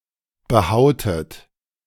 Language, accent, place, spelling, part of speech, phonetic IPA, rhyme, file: German, Germany, Berlin, behautet, verb, [bəˈhaʊ̯tət], -aʊ̯tət, De-behautet.ogg
- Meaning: inflection of behauen: 1. second-person plural preterite 2. second-person plural subjunctive II